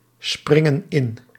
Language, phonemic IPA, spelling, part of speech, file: Dutch, /ˈsprɪŋə(n) ˈɪn/, springen in, verb, Nl-springen in.ogg
- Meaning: inflection of inspringen: 1. plural present indicative 2. plural present subjunctive